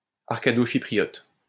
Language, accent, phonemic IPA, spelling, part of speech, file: French, France, /aʁ.ka.do.ʃi.pʁi.jɔt/, arcadochypriote, adjective / noun, LL-Q150 (fra)-arcadochypriote.wav
- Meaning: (adjective) Arcado-Cypriot